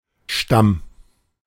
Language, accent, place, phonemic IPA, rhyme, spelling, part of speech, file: German, Germany, Berlin, /ʃtam/, -am, Stamm, noun, De-Stamm.ogg
- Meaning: 1. tree trunk, main stem of a plant (but never used of thin stalks or twigs) 2. tribe 3. stem (of a word) 4. phylum 5. strain (of bacteria, etc.)